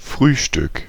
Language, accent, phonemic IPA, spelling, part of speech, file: German, Germany, /ˈfʁyːʃtʏk/, Frühstück, noun, De-Frühstück.ogg
- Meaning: breakfast